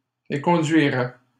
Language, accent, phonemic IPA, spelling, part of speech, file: French, Canada, /e.kɔ̃.dɥi.ʁɛ/, éconduirait, verb, LL-Q150 (fra)-éconduirait.wav
- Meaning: third-person singular conditional of éconduire